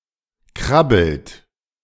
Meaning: inflection of krabbeln: 1. third-person singular present 2. second-person plural present 3. plural imperative
- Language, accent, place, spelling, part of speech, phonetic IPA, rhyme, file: German, Germany, Berlin, krabbelt, verb, [ˈkʁabl̩t], -abl̩t, De-krabbelt.ogg